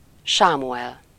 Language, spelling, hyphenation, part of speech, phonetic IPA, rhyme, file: Hungarian, Sámuel, Sá‧mu‧el, proper noun, [ˈʃaːmuɛl], -ɛl, Hu-Sámuel.ogg
- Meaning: a male given name, equivalent to English Samuel